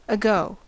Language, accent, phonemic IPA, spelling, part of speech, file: English, US, /əˈɡoʊ/, ago, postposition / adjective, En-us-ago.ogg
- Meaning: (postposition) Before now, before the present time; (adjective) 1. Gone; gone by; gone away; passed; passed away 2. Nearly gone; dead. (used in Devonshire at the turn of the 19th century)